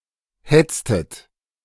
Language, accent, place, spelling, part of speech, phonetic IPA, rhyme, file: German, Germany, Berlin, hetztet, verb, [ˈhɛt͡stət], -ɛt͡stət, De-hetztet.ogg
- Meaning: inflection of hetzen: 1. second-person plural preterite 2. second-person plural subjunctive II